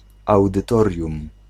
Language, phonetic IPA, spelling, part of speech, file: Polish, [ˌawdɨˈtɔrʲjũm], audytorium, noun, Pl-audytorium.ogg